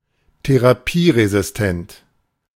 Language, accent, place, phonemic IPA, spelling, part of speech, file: German, Germany, Berlin, /teʁaˈpiːʁezɪsˌtɛnt/, therapieresistent, adjective, De-therapieresistent.ogg
- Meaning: resistant to therapy